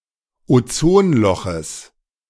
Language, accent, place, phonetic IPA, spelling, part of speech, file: German, Germany, Berlin, [oˈt͡soːnˌlɔxəs], Ozonloches, noun, De-Ozonloches.ogg
- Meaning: genitive singular of Ozonloch